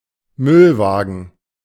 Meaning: garbage truck (waste collection vehicle)
- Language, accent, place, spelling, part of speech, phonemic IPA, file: German, Germany, Berlin, Müllwagen, noun, /ˈmʏlˌvaːɡən/, De-Müllwagen.ogg